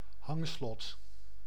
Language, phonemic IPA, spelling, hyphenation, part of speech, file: Dutch, /ˈhɑŋslɔt/, hangslot, hang‧slot, noun, Nl-hangslot.ogg
- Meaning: padlock